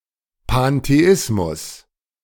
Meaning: pantheism
- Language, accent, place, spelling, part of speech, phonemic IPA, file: German, Germany, Berlin, Pantheismus, noun, /panteˈɪsmʊs/, De-Pantheismus.ogg